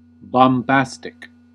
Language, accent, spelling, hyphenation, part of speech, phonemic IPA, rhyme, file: English, US, bombastic, bom‧bas‧tic, adjective, /bɑmˈbæs.tɪk/, -æstɪk, En-us-bombastic.ogg
- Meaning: 1. showy in speech and given to using flowery or elaborate terms; grandiloquent; pompous 2. High‐sounding but with little meaning